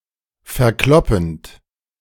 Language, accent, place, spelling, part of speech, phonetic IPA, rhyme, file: German, Germany, Berlin, verkloppend, verb, [fɛɐ̯ˈklɔpn̩t], -ɔpn̩t, De-verkloppend.ogg
- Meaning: present participle of verkloppen